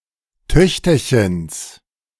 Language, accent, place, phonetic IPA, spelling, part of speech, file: German, Germany, Berlin, [ˈtœçtɐçəns], Töchterchens, noun, De-Töchterchens.ogg
- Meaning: genitive singular of Töchterchen